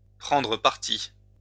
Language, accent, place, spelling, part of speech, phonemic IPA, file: French, France, Lyon, prendre parti, verb, /pʁɑ̃.dʁə paʁ.ti/, LL-Q150 (fra)-prendre parti.wav
- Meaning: to take sides, take a side